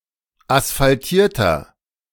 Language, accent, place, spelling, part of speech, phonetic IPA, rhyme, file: German, Germany, Berlin, asphaltierter, adjective, [asfalˈtiːɐ̯tɐ], -iːɐ̯tɐ, De-asphaltierter.ogg
- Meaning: inflection of asphaltiert: 1. strong/mixed nominative masculine singular 2. strong genitive/dative feminine singular 3. strong genitive plural